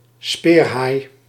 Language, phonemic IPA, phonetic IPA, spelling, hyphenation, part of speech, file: Dutch, /ˈspeːr.ɦaːi̯/, [ˈspɪːr.ɦaːi̯], speerhaai, speer‧haai, noun, Nl-speerhaai.ogg
- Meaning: spiny dogfish, spurdog, Squalus acanthias